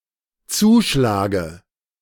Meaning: inflection of zuschlagen: 1. first-person singular dependent present 2. first/third-person singular dependent subjunctive I
- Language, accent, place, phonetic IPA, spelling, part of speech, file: German, Germany, Berlin, [ˈt͡suːˌʃlaːɡə], zuschlage, verb, De-zuschlage.ogg